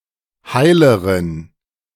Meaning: inflection of heil: 1. strong genitive masculine/neuter singular comparative degree 2. weak/mixed genitive/dative all-gender singular comparative degree
- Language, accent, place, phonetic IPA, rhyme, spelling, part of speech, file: German, Germany, Berlin, [ˈhaɪ̯ləʁən], -aɪ̯ləʁən, heileren, adjective, De-heileren.ogg